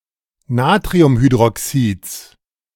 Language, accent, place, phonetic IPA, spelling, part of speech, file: German, Germany, Berlin, [ˈnaːtʁiʊmhydʁɔˌksiːt͡s], Natriumhydroxids, noun, De-Natriumhydroxids.ogg
- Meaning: genitive singular of Natriumhydroxid